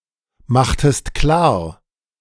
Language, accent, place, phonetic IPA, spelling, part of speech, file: German, Germany, Berlin, [ˌmaxtəst ˈklaːɐ̯], machtest klar, verb, De-machtest klar.ogg
- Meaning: inflection of klarmachen: 1. second-person singular preterite 2. second-person singular subjunctive II